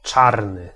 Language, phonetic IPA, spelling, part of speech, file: Polish, [ˈt͡ʃarnɨ], czarny, adjective / noun, Pl-czarny.ogg